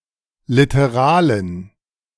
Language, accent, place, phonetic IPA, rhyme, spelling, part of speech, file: German, Germany, Berlin, [ˌlɪtəˈʁaːlən], -aːlən, literalen, adjective, De-literalen.ogg
- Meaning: inflection of literal: 1. strong genitive masculine/neuter singular 2. weak/mixed genitive/dative all-gender singular 3. strong/weak/mixed accusative masculine singular 4. strong dative plural